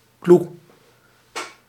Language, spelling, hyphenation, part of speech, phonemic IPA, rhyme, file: Dutch, clou, clou, noun, /klu/, -u, Nl-clou.ogg
- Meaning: punch line